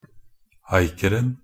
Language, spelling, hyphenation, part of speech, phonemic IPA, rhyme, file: Norwegian Bokmål, acren, a‧cre‧n, noun, /ˈæɪkərn̩/, -ərn̩, Nb-acren.ogg
- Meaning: definite singular of acre